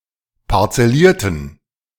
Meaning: inflection of parzellieren: 1. first/third-person plural preterite 2. first/third-person plural subjunctive II
- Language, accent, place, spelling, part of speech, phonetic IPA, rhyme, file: German, Germany, Berlin, parzellierten, adjective / verb, [paʁt͡sɛˈliːɐ̯tn̩], -iːɐ̯tn̩, De-parzellierten.ogg